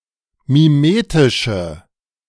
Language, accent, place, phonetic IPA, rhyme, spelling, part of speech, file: German, Germany, Berlin, [miˈmeːtɪʃə], -eːtɪʃə, mimetische, adjective, De-mimetische.ogg
- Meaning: inflection of mimetisch: 1. strong/mixed nominative/accusative feminine singular 2. strong nominative/accusative plural 3. weak nominative all-gender singular